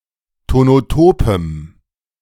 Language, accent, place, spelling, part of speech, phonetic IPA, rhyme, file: German, Germany, Berlin, tonotopem, adjective, [tonoˈtoːpəm], -oːpəm, De-tonotopem.ogg
- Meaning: strong dative masculine/neuter singular of tonotop